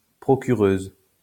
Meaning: female equivalent of procureur
- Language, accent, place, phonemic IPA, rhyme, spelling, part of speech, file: French, France, Lyon, /pʁɔ.ky.ʁøz/, -øz, procureuse, noun, LL-Q150 (fra)-procureuse.wav